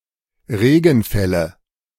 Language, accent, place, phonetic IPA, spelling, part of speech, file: German, Germany, Berlin, [ˈʁeːɡn̩ˌfɛlə], Regenfälle, noun, De-Regenfälle.ogg
- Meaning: nominative/accusative/genitive plural of Regenfall